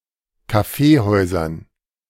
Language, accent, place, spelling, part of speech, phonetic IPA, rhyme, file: German, Germany, Berlin, Kaffeehäusern, noun, [kaˈfeːˌhɔɪ̯zɐn], -eːhɔɪ̯zɐn, De-Kaffeehäusern.ogg
- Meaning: dative plural of Kaffeehaus